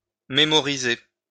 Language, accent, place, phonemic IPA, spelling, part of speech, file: French, France, Lyon, /me.mɔ.ʁi.ze/, mémoriser, verb, LL-Q150 (fra)-mémoriser.wav
- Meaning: to memorize (to fix in one's memory)